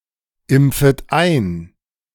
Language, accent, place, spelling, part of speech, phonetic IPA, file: German, Germany, Berlin, impfet ein, verb, [ˌɪmp͡fət ˈaɪ̯n], De-impfet ein.ogg
- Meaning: second-person plural subjunctive I of einimpfen